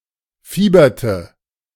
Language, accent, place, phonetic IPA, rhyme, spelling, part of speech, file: German, Germany, Berlin, [ˈfiːbɐtə], -iːbɐtə, fieberte, verb, De-fieberte.ogg
- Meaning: inflection of fiebern: 1. first/third-person singular preterite 2. first/third-person singular subjunctive II